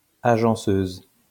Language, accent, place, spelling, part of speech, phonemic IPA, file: French, France, Lyon, agenceuse, noun, /a.ʒɑ̃.søz/, LL-Q150 (fra)-agenceuse.wav
- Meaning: female equivalent of agenceur